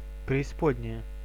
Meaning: hell, netherworld, abyss (the abode of the damned)
- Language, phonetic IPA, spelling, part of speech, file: Russian, [prʲɪɪˈspodʲnʲɪjə], преисподняя, noun, Ru-преисподняя.ogg